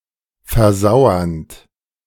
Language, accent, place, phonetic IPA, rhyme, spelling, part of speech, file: German, Germany, Berlin, [fɛɐ̯ˈzaʊ̯ɐnt], -aʊ̯ɐnt, versauernd, verb, De-versauernd.ogg
- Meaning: present participle of versauern